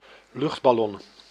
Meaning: hot-air balloon (inflatable object to transport people through the air)
- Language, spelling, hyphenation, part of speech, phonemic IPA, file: Dutch, luchtballon, lucht‧bal‧lon, noun, /ˈlʏxt.bɑˌlɔn/, Nl-luchtballon.ogg